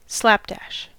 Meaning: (adjective) Produced or carried out hastily; haphazard; careless; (adverb) 1. In a hasty or careless manner 2. Directly, right there; slap-bang 3. With a slap; all at once; slap
- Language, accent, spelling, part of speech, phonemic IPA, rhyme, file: English, US, slapdash, adjective / adverb / verb, /ˈslæpdæʃ/, -æʃ, En-us-slapdash.ogg